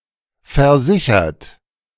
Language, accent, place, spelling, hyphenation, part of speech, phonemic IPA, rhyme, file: German, Germany, Berlin, versichert, ver‧si‧chert, verb / adjective, /fɛɐ̯ˈzɪçɐt/, -ɪçɐt, De-versichert.ogg
- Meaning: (verb) past participle of versichern; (adjective) insured, covered; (verb) inflection of versichern: 1. third-person singular present 2. second-person plural present 3. plural imperative